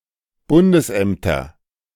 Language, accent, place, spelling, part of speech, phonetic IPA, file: German, Germany, Berlin, Bundesämter, noun, [ˈbʊndəsˌʔɛmtɐ], De-Bundesämter.ogg
- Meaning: nominative/accusative/genitive plural of Bundesamt